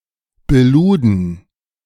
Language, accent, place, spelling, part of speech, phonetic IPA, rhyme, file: German, Germany, Berlin, beluden, verb, [bəˈluːdn̩], -uːdn̩, De-beluden.ogg
- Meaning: first/third-person plural preterite of beladen